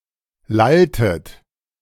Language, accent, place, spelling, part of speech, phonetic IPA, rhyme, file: German, Germany, Berlin, lalltet, verb, [ˈlaltət], -altət, De-lalltet.ogg
- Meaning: inflection of lallen: 1. second-person plural preterite 2. second-person plural subjunctive II